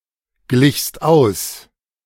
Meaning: second-person singular preterite of ausgleichen
- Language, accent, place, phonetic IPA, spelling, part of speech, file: German, Germany, Berlin, [ˌɡlɪçst ˈaʊ̯s], glichst aus, verb, De-glichst aus.ogg